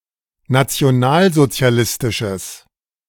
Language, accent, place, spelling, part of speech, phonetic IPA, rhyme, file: German, Germany, Berlin, nationalsozialistisches, adjective, [nat͡si̯oˈnaːlzot͡si̯aˌlɪstɪʃəs], -aːlzot͡si̯alɪstɪʃəs, De-nationalsozialistisches.ogg
- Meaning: strong/mixed nominative/accusative neuter singular of nationalsozialistisch